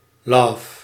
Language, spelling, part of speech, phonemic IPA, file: Dutch, love, verb, /loːv/, Nl-love.ogg
- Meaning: singular present subjunctive of loven